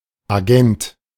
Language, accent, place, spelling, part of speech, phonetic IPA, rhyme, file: German, Germany, Berlin, Agent, noun, [aˈɡɛnt], -ɛnt, De-Agent.ogg
- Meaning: agent (male or of unspecified gender) (intermediary for certain services, such as for artistic performances or public relations)